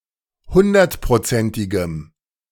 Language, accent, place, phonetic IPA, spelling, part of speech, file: German, Germany, Berlin, [ˈhʊndɐtpʁoˌt͡sɛntɪɡəm], hundertprozentigem, adjective, De-hundertprozentigem.ogg
- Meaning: strong dative masculine/neuter singular of hundertprozentig